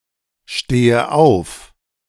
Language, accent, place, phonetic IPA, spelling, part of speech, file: German, Germany, Berlin, [ˌʃteːə ˈaʊ̯f], stehe auf, verb, De-stehe auf.ogg
- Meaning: inflection of aufstehen: 1. first-person singular present 2. first/third-person singular subjunctive I 3. singular imperative